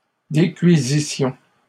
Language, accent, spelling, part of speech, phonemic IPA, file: French, Canada, décuisissions, verb, /de.kɥi.zi.sjɔ̃/, LL-Q150 (fra)-décuisissions.wav
- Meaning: first-person plural imperfect subjunctive of décuire